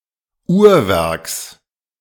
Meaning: genitive singular of Uhrwerk
- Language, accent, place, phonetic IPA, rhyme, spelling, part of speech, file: German, Germany, Berlin, [ˈuːɐ̯ˌvɛʁks], -uːɐ̯vɛʁks, Uhrwerks, noun, De-Uhrwerks.ogg